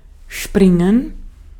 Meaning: 1. to spring; to leap; to bounce 2. to dive; to jump; to vault 3. to break; to burst; to pop 4. to run; to dash
- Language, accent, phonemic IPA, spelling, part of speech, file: German, Austria, /ˈʃpʁɪŋən/, springen, verb, De-at-springen.ogg